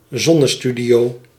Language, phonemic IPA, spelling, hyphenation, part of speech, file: Dutch, /ˈzɔ.nəˌsty.di.oː/, zonnestudio, zon‧ne‧stu‧dio, noun, Nl-zonnestudio.ogg
- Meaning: solarium (establishment with sunbeds)